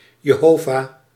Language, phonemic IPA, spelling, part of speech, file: Dutch, /jeˈhova/, Jehova, proper noun, Nl-Jehova.ogg
- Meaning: Jehovah (name for God derived from vocalisation of the Tetragrammaton)